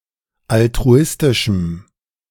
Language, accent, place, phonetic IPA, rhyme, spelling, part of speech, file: German, Germany, Berlin, [altʁuˈɪstɪʃm̩], -ɪstɪʃm̩, altruistischem, adjective, De-altruistischem.ogg
- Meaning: strong dative masculine/neuter singular of altruistisch